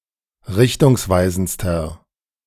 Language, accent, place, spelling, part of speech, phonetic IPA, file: German, Germany, Berlin, richtungsweisendster, adjective, [ˈʁɪçtʊŋsˌvaɪ̯zn̩t͡stɐ], De-richtungsweisendster.ogg
- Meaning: inflection of richtungsweisend: 1. strong/mixed nominative masculine singular superlative degree 2. strong genitive/dative feminine singular superlative degree